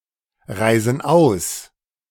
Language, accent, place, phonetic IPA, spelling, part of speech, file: German, Germany, Berlin, [ˌʁaɪ̯zn̩ ˈaʊ̯s], reisen aus, verb, De-reisen aus.ogg
- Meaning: inflection of ausreisen: 1. first/third-person plural present 2. first/third-person plural subjunctive I